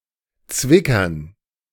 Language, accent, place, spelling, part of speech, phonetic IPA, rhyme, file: German, Germany, Berlin, Zwickern, noun, [ˈt͡svɪkɐn], -ɪkɐn, De-Zwickern.ogg
- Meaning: dative plural of Zwicker